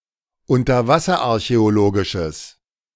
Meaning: strong/mixed nominative/accusative neuter singular of unterwasserarchäologisch
- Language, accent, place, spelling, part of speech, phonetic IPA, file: German, Germany, Berlin, unterwasserarchäologisches, adjective, [ʊntɐˈvasɐʔaʁçɛoˌloːɡɪʃəs], De-unterwasserarchäologisches.ogg